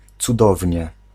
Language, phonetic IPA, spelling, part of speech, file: Polish, [t͡suˈdɔvʲɲɛ], cudownie, adverb, Pl-cudownie.ogg